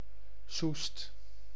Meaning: a town and municipality of Utrecht, the Netherlands
- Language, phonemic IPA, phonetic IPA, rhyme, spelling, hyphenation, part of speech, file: Dutch, /sust/, [sust], -ust, Soest, Soest, proper noun, Nl-Soest.ogg